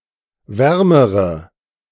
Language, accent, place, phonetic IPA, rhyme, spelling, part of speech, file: German, Germany, Berlin, [ˈvɛʁməʁə], -ɛʁməʁə, wärmere, adjective, De-wärmere.ogg
- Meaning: inflection of warm: 1. strong/mixed nominative/accusative feminine singular comparative degree 2. strong nominative/accusative plural comparative degree